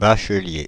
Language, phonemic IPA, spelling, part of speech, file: French, /ba.ʃə.lje/, bachelier, noun, Fr-bachelier.ogg
- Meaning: 1. graduate of the baccalauréat 2. person holding a bachelor's degree 3. bachelor's degree